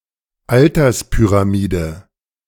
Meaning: age-gender-pyramid, population pyramid
- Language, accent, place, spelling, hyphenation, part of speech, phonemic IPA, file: German, Germany, Berlin, Alterspyramide, Al‧ters‧py‧ra‧mi‧de, noun, /ˈaltɐspyʁaˌmiːdə/, De-Alterspyramide.ogg